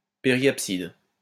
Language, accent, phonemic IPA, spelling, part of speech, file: French, France, /pe.ʁjap.sid/, périapside, noun, LL-Q150 (fra)-périapside.wav
- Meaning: periapsis